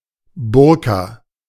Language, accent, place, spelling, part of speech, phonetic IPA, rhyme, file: German, Germany, Berlin, Burka, noun, [ˈbʊʁka], -ʊʁka, De-Burka.ogg
- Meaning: 1. burka (garment, worn by Muslim women, that covers the entire body) 2. burka (cloak, especially of felt or karakul, worn by men of the Caucasus region)